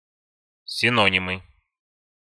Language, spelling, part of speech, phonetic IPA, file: Russian, синонимы, noun, [sʲɪˈnonʲɪmɨ], Ru-синонимы.ogg
- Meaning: nominative/accusative plural of сино́ним (sinónim)